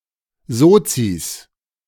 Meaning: 1. genitive singular of Sozi 2. plural of Sozi
- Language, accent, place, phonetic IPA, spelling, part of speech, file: German, Germany, Berlin, [ˈzoːt͡sis], Sozis, noun, De-Sozis.ogg